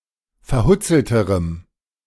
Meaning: strong dative masculine/neuter singular comparative degree of verhutzelt
- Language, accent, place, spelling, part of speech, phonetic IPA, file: German, Germany, Berlin, verhutzelterem, adjective, [fɛɐ̯ˈhʊt͡sl̩təʁəm], De-verhutzelterem.ogg